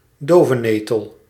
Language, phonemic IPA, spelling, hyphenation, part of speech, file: Dutch, /ˈdoː.vəˌneː.təl/, dovenetel, do‧ve‧ne‧tel, noun, Nl-dovenetel.ogg
- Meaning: a deadnettle, any nettle-like plant of the genus Lamium